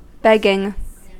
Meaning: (noun) 1. The act of one who begs 2. Money or goods acquired by begging; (verb) present participle and gerund of beg
- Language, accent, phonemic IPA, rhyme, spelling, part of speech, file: English, US, /ˈbɛɡɪŋ/, -ɛɡɪŋ, begging, noun / verb, En-us-begging.ogg